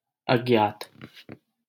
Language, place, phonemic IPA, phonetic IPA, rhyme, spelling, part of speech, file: Hindi, Delhi, /əd͡ʒ.nɑːt̪/, [ɐd͡ʒ.näːt̪], -ɑːt̪, अज्ञात, adjective, LL-Q1568 (hin)-अज्ञात.wav
- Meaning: anonymous, unrevealed, undisclosed, unidentified